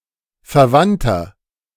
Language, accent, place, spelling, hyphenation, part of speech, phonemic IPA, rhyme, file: German, Germany, Berlin, verwandter, ver‧wand‧ter, adjective, /fɛɐ̯ˈvantɐ/, -antɐ, De-verwandter.ogg
- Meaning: inflection of verwandt: 1. strong/mixed nominative masculine singular 2. strong genitive/dative feminine singular 3. strong genitive plural